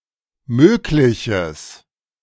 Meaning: strong/mixed nominative/accusative neuter singular of möglich
- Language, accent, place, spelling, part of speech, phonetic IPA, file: German, Germany, Berlin, mögliches, adjective, [ˈmøːklɪçəs], De-mögliches.ogg